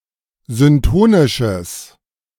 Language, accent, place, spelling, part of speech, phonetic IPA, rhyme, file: German, Germany, Berlin, syntonisches, adjective, [zʏnˈtoːnɪʃəs], -oːnɪʃəs, De-syntonisches.ogg
- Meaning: strong/mixed nominative/accusative neuter singular of syntonisch